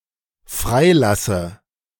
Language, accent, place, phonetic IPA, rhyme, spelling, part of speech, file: German, Germany, Berlin, [ˈfʁaɪ̯ˌlasə], -aɪ̯lasə, freilasse, verb, De-freilasse.ogg
- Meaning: inflection of freilassen: 1. first-person singular dependent present 2. first/third-person singular dependent subjunctive I